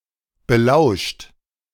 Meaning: 1. past participle of belauschen 2. inflection of belauschen: second-person plural present 3. inflection of belauschen: third-person singular present 4. inflection of belauschen: plural imperative
- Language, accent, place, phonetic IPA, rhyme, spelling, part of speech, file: German, Germany, Berlin, [bəˈlaʊ̯ʃt], -aʊ̯ʃt, belauscht, verb, De-belauscht.ogg